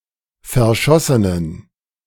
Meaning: inflection of verschossen: 1. strong genitive masculine/neuter singular 2. weak/mixed genitive/dative all-gender singular 3. strong/weak/mixed accusative masculine singular 4. strong dative plural
- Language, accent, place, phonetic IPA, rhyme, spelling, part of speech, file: German, Germany, Berlin, [fɛɐ̯ˈʃɔsənən], -ɔsənən, verschossenen, adjective, De-verschossenen.ogg